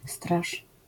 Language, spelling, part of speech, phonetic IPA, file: Polish, straż, noun, [straʃ], LL-Q809 (pol)-straż.wav